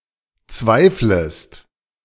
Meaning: second-person singular subjunctive I of zweifeln
- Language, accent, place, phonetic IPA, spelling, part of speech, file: German, Germany, Berlin, [ˈt͡svaɪ̯fləst], zweiflest, verb, De-zweiflest.ogg